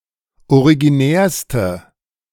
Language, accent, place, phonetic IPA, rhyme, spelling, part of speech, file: German, Germany, Berlin, [oʁiɡiˈnɛːɐ̯stə], -ɛːɐ̯stə, originärste, adjective, De-originärste.ogg
- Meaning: inflection of originär: 1. strong/mixed nominative/accusative feminine singular superlative degree 2. strong nominative/accusative plural superlative degree